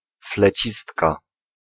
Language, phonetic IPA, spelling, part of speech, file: Polish, [flɛˈt͡ɕistka], flecistka, noun, Pl-flecistka.ogg